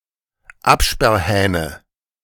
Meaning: nominative/accusative/genitive plural of Absperrhahn
- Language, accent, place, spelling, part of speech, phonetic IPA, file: German, Germany, Berlin, Absperrhähne, noun, [ˈapʃpɛʁˌhɛːnə], De-Absperrhähne.ogg